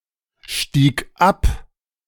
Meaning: first/third-person singular preterite of absteigen
- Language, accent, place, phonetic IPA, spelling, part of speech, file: German, Germany, Berlin, [ˌʃtiːk ˈap], stieg ab, verb, De-stieg ab.ogg